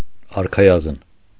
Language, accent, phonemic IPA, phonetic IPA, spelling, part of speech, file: Armenian, Eastern Armenian, /ɑɾkʰɑˈjɑzən/, [ɑɾkʰɑjɑ́zən], արքայազն, noun, Hy-արքայազն.ogg
- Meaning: prince, son of a king